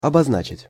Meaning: 1. to denote, to designate, to indicate 2. to mark, to label
- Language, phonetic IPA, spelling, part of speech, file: Russian, [ɐbɐzˈnat͡ɕɪtʲ], обозначить, verb, Ru-обозначить.ogg